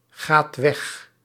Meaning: inflection of weggaan: 1. second/third-person singular present indicative 2. plural imperative
- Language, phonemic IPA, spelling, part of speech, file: Dutch, /ˈɣat ˈwɛx/, gaat weg, verb, Nl-gaat weg.ogg